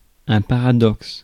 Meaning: paradox
- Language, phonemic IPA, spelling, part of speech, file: French, /pa.ʁa.dɔks/, paradoxe, noun, Fr-paradoxe.ogg